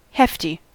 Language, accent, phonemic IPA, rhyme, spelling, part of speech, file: English, US, /ˈhɛfti/, -ɛfti, hefty, adjective, En-us-hefty.ogg
- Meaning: 1. With heft; heavy, strong, vigorous, mighty, impressive 2. Strong; bulky 3. Possessing physical strength and weight; rugged and powerful; powerfully or heavily built 4. Heavy, weighing a lot